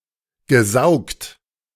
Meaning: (verb) past participle of saugen; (adjective) 1. sucked 2. vacuumed
- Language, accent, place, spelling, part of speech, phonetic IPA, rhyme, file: German, Germany, Berlin, gesaugt, verb, [ɡəˈzaʊ̯kt], -aʊ̯kt, De-gesaugt.ogg